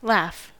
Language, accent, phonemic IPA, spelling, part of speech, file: English, US, /læf/, laugh, noun / verb, En-us-laugh.ogg
- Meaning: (noun) 1. An expression of mirth particular to the human species; the sound heard in laughing; laughter 2. Something that provokes mirth or scorn 3. A fun person